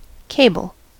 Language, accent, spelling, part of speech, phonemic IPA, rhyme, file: English, US, cable, noun / verb, /ˈkeɪ.bəl/, -eɪbəl, En-us-cable.ogg
- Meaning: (noun) A long object used to make a physical connection.: 1. A strong, large-diameter wire or rope, or something resembling such a rope 2. An assembly of two or more cable-laid ropes